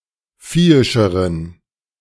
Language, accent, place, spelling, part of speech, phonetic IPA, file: German, Germany, Berlin, viehischeren, adjective, [ˈfiːɪʃəʁən], De-viehischeren.ogg
- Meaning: inflection of viehisch: 1. strong genitive masculine/neuter singular comparative degree 2. weak/mixed genitive/dative all-gender singular comparative degree